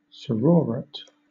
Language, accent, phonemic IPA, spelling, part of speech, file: English, Southern England, /səˈɹɔːɹət/, sororate, noun, LL-Q1860 (eng)-sororate.wav
- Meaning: 1. The custom of the marriage of a man to the sister of his wife, usually after the wife has died 2. A marriage according to this custom